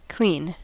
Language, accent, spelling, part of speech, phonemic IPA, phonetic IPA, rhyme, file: English, US, clean, adjective / noun / verb / adverb, /kliːn/, [kʰl̥ĩːn], -iːn, En-us-clean.ogg
- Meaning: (adjective) Free of dirt, filth, or impurities (extraneous matter); not dirty, filthy, or soiled